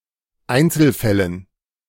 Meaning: dative plural of Einzelfall
- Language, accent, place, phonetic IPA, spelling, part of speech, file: German, Germany, Berlin, [ˈaɪ̯nt͡sl̩ˌfɛlən], Einzelfällen, noun, De-Einzelfällen.ogg